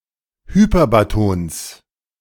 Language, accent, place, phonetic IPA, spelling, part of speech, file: German, Germany, Berlin, [hyˈpɛʁbatɔns], Hyperbatons, noun, De-Hyperbatons.ogg
- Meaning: genitive of Hyperbaton